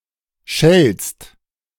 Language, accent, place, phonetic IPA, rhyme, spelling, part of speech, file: German, Germany, Berlin, [ʃɛlst], -ɛlst, schellst, verb, De-schellst.ogg
- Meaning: second-person singular present of schellen